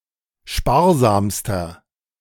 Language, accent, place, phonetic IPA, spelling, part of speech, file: German, Germany, Berlin, [ˈʃpaːɐ̯ˌzaːmstɐ], sparsamster, adjective, De-sparsamster.ogg
- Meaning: inflection of sparsam: 1. strong/mixed nominative masculine singular superlative degree 2. strong genitive/dative feminine singular superlative degree 3. strong genitive plural superlative degree